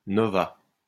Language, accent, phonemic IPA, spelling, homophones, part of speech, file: French, France, /nɔ.va/, nova, novas / novât, noun / verb, LL-Q150 (fra)-nova.wav
- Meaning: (noun) nova; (verb) third-person singular past historic of nover